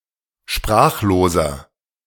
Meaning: inflection of sprachlos: 1. strong/mixed nominative masculine singular 2. strong genitive/dative feminine singular 3. strong genitive plural
- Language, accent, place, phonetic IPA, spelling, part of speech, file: German, Germany, Berlin, [ˈʃpʁaːxloːzɐ], sprachloser, adjective, De-sprachloser.ogg